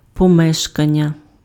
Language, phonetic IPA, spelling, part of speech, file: Ukrainian, [pɔˈmɛʃkɐnʲːɐ], помешкання, noun, Uk-помешкання.ogg
- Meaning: dwelling, habitation